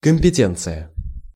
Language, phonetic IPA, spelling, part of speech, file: Russian, [kəm⁽ʲ⁾pʲɪˈtʲent͡sɨjə], компетенция, noun, Ru-компетенция.ogg
- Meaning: 1. competence, competency 2. line 3. terms of reference, jurisdiction